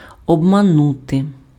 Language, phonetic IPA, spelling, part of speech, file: Ukrainian, [ɔbmɐˈnute], обманути, verb, Uk-обманути.ogg
- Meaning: 1. to deceive 2. to trick, to cheat, to defraud, to swindle